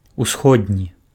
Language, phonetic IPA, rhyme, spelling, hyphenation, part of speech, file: Belarusian, [uˈsxodnʲi], -odnʲi, усходні, ус‧ход‧ні, adjective, Be-усходні.ogg
- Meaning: 1. east, eastern (which is in the east, comes from the east) 2. east, eastern (related to the East)